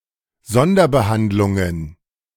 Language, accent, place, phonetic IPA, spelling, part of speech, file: German, Germany, Berlin, [ˈzɔndɐbəˌhandlʊŋən], Sonderbehandlungen, noun, De-Sonderbehandlungen.ogg
- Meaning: plural of Sonderbehandlung